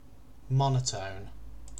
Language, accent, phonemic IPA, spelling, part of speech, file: English, UK, /ˈmɒn.ə.təʊn/, monotone, adjective / noun / verb, En-uk-monotone.ogg
- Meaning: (adjective) 1. Having a single unvaried pitch 2. Of a function: that is always nonincreasing or nondecreasing on an interval 3. Synonym of monochrome